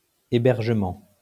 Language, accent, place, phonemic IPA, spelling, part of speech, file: French, France, Lyon, /e.bɛʁ.ʒə.mɑ̃/, hébergement, noun, LL-Q150 (fra)-hébergement.wav
- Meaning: housing; accommodation